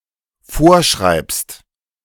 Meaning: second-person singular dependent present of vorschreiben
- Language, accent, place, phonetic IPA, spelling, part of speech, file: German, Germany, Berlin, [ˈfoːɐ̯ˌʃʁaɪ̯pst], vorschreibst, verb, De-vorschreibst.ogg